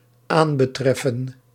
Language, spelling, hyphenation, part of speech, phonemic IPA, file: Dutch, aanbetreffen, aan‧be‧tref‧fen, verb, /ˈaːn.bəˌtrɛ.fə(n)/, Nl-aanbetreffen.ogg
- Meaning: to concern